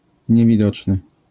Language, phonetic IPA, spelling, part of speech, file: Polish, [ˌɲɛvʲiˈdɔt͡ʃnɨ], niewidoczny, adjective, LL-Q809 (pol)-niewidoczny.wav